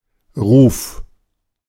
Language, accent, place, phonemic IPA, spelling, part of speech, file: German, Germany, Berlin, /ʁuːf/, Ruf, noun, De-Ruf.ogg
- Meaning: 1. call, shout, cry 2. reputation